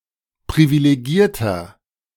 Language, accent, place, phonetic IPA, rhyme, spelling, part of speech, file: German, Germany, Berlin, [pʁivileˈɡiːɐ̯tɐ], -iːɐ̯tɐ, privilegierter, adjective, De-privilegierter.ogg
- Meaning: 1. comparative degree of privilegiert 2. inflection of privilegiert: strong/mixed nominative masculine singular 3. inflection of privilegiert: strong genitive/dative feminine singular